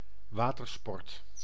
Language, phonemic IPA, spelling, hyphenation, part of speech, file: Dutch, /ˈʋaː.tərˌspɔrt/, watersport, wa‧ter‧sport, noun, Nl-watersport.ogg
- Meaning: watersport (sport played on or in water)